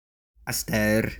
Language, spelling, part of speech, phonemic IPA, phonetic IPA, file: French, asteur, adverb, /as.tœʁ/, [astœ(ɾ)], Frc-asteur.oga
- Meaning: alternative form of à cette heure (“presently”)